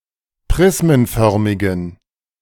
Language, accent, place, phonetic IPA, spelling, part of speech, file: German, Germany, Berlin, [ˈpʁɪsmənˌfœʁmɪɡn̩], prismenförmigen, adjective, De-prismenförmigen.ogg
- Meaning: inflection of prismenförmig: 1. strong genitive masculine/neuter singular 2. weak/mixed genitive/dative all-gender singular 3. strong/weak/mixed accusative masculine singular 4. strong dative plural